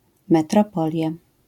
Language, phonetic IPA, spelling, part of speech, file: Polish, [ˌmɛtrɔˈpɔlʲja], metropolia, noun, LL-Q809 (pol)-metropolia.wav